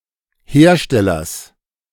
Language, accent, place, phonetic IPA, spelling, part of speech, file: German, Germany, Berlin, [ˈheːɐ̯ˌʃtɛlɐs], Herstellers, noun, De-Herstellers.ogg
- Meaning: genitive singular of Hersteller